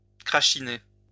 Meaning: to spit, drizzle
- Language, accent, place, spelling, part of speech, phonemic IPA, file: French, France, Lyon, crachiner, verb, /kʁa.ʃi.ne/, LL-Q150 (fra)-crachiner.wav